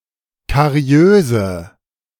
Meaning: inflection of kariös: 1. strong/mixed nominative/accusative feminine singular 2. strong nominative/accusative plural 3. weak nominative all-gender singular 4. weak accusative feminine/neuter singular
- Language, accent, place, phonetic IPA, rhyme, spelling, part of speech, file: German, Germany, Berlin, [kaˈʁi̯øːzə], -øːzə, kariöse, adjective, De-kariöse.ogg